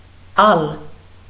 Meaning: scarlet, bright red
- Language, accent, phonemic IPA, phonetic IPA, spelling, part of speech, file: Armenian, Eastern Armenian, /ɑl/, [ɑl], ալ, adjective, Hy-ալ.ogg